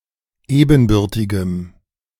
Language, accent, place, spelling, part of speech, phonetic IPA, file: German, Germany, Berlin, ebenbürtigem, adjective, [ˈeːbn̩ˌbʏʁtɪɡəm], De-ebenbürtigem.ogg
- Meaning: strong dative masculine/neuter singular of ebenbürtig